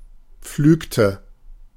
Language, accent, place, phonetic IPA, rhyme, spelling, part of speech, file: German, Germany, Berlin, [ˈp͡flyːktə], -yːktə, pflügte, verb, De-pflügte.ogg
- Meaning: inflection of pflügen: 1. first/third-person singular preterite 2. first/third-person singular subjunctive II